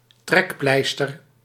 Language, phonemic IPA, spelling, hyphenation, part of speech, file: Dutch, /ˈtrɛkˌplɛi̯.stər/, trekpleister, trek‧pleis‧ter, noun, Nl-trekpleister.ogg
- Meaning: attraction (e.g. for tourists)